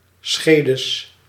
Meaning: plural of schede
- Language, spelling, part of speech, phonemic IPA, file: Dutch, schedes, noun, /ˈsxedəs/, Nl-schedes.ogg